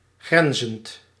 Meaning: present participle of grenzen
- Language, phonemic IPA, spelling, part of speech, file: Dutch, /ˈɡrɛnzənt/, grenzend, verb, Nl-grenzend.ogg